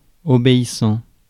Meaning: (verb) present participle of obéir; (adjective) obedient
- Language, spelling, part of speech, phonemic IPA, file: French, obéissant, verb / adjective, /ɔ.be.i.sɑ̃/, Fr-obéissant.ogg